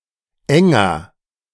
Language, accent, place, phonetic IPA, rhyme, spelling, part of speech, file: German, Germany, Berlin, [ˈɛŋɐ], -ɛŋɐ, enger, adjective, De-enger.ogg
- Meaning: 1. comparative degree of eng 2. inflection of eng: strong/mixed nominative masculine singular 3. inflection of eng: strong genitive/dative feminine singular